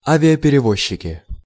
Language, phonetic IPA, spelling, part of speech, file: Russian, [ˌavʲɪəpʲɪrʲɪˈvoɕːɪkʲɪ], авиаперевозчики, noun, Ru-авиаперевозчики.ogg
- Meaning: nominative/accusative plural of авиаперево́зчик (aviaperevózčik)